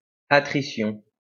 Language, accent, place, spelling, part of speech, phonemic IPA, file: French, France, Lyon, attrition, noun, /a.tʁi.sjɔ̃/, LL-Q150 (fra)-attrition.wav
- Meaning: attrition